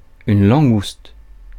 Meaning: spiny lobster
- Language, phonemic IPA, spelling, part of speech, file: French, /lɑ̃.ɡust/, langouste, noun, Fr-langouste.ogg